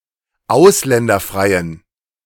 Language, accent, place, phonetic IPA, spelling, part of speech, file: German, Germany, Berlin, [ˈaʊ̯slɛndɐˌfʁaɪ̯ən], ausländerfreien, adjective, De-ausländerfreien.ogg
- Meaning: inflection of ausländerfrei: 1. strong genitive masculine/neuter singular 2. weak/mixed genitive/dative all-gender singular 3. strong/weak/mixed accusative masculine singular 4. strong dative plural